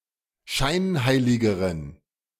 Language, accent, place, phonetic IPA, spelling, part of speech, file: German, Germany, Berlin, [ˈʃaɪ̯nˌhaɪ̯lɪɡəʁən], scheinheiligeren, adjective, De-scheinheiligeren.ogg
- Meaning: inflection of scheinheilig: 1. strong genitive masculine/neuter singular comparative degree 2. weak/mixed genitive/dative all-gender singular comparative degree